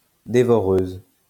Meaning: feminine singular of dévoreur
- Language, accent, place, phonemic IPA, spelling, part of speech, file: French, France, Lyon, /de.vɔ.ʁøz/, dévoreuse, adjective, LL-Q150 (fra)-dévoreuse.wav